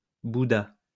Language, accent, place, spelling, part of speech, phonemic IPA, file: French, France, Lyon, Bouddha, proper noun, /bu.da/, LL-Q150 (fra)-Bouddha.wav
- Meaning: Buddha